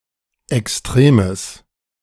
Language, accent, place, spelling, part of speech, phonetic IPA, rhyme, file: German, Germany, Berlin, extremes, adjective, [ɛksˈtʁeːməs], -eːməs, De-extremes.ogg
- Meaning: strong/mixed nominative/accusative neuter singular of extrem